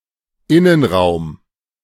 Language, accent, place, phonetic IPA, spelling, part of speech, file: German, Germany, Berlin, [ˈɪnənˌʁaʊ̯m], Innenraum, noun, De-Innenraum.ogg
- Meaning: interior